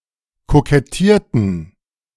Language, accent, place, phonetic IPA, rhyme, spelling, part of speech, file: German, Germany, Berlin, [kokɛˈtiːɐ̯tn̩], -iːɐ̯tn̩, kokettierten, verb, De-kokettierten.ogg
- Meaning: inflection of kokettieren: 1. first/third-person plural preterite 2. first/third-person plural subjunctive II